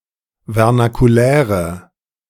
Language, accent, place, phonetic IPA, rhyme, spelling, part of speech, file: German, Germany, Berlin, [vɛʁnakuˈlɛːʁə], -ɛːʁə, vernakuläre, adjective, De-vernakuläre.ogg
- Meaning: inflection of vernakulär: 1. strong/mixed nominative/accusative feminine singular 2. strong nominative/accusative plural 3. weak nominative all-gender singular